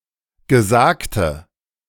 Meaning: inflection of gesagt: 1. strong/mixed nominative/accusative feminine singular 2. strong nominative/accusative plural 3. weak nominative all-gender singular 4. weak accusative feminine/neuter singular
- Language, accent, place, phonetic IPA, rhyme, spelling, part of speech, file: German, Germany, Berlin, [ɡəˈzaːktə], -aːktə, gesagte, adjective, De-gesagte.ogg